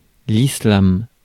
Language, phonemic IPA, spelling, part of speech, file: French, /i.slam/, islam, noun, Fr-islam.ogg
- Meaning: Islam